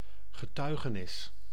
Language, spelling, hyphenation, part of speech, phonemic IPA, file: Dutch, getuigenis, ge‧tui‧ge‧nis, noun, /ɣəˈtœy̯.ɣəˌnɪs/, Nl-getuigenis.ogg
- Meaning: 1. a testimony: declaration/statement serving to bear evidence or proof in an inquiry and/or trial 2. hence also other proof